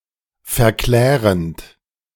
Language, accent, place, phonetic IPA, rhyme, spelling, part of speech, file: German, Germany, Berlin, [fɛɐ̯ˈklɛːʁənt], -ɛːʁənt, verklärend, verb, De-verklärend.ogg
- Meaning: present participle of verklären